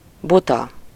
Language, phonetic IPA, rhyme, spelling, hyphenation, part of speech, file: Hungarian, [ˈbutɒ], -tɒ, buta, bu‧ta, adjective, Hu-buta.ogg
- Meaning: stupid, silly, foolish, dumb